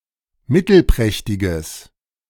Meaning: strong/mixed nominative/accusative neuter singular of mittelprächtig
- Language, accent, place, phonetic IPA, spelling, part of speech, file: German, Germany, Berlin, [ˈmɪtl̩ˌpʁɛçtɪɡəs], mittelprächtiges, adjective, De-mittelprächtiges.ogg